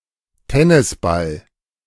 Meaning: tennis ball
- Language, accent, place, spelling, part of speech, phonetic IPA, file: German, Germany, Berlin, Tennisball, noun, [ˈtɛnɪsˌbal], De-Tennisball.ogg